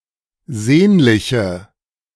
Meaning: inflection of sehnlich: 1. strong/mixed nominative/accusative feminine singular 2. strong nominative/accusative plural 3. weak nominative all-gender singular
- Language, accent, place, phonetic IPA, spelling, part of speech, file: German, Germany, Berlin, [ˈzeːnlɪçə], sehnliche, adjective, De-sehnliche.ogg